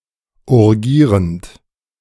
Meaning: present participle of urgieren
- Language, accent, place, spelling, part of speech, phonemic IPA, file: German, Germany, Berlin, urgierend, verb, /ʊʁˈɡiːʁənt/, De-urgierend.ogg